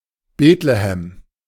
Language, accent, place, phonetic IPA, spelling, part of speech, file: German, Germany, Berlin, [ˈbeːtləhɛm], Betlehem, proper noun, De-Betlehem.ogg
- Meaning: alternative spelling of Bethlehem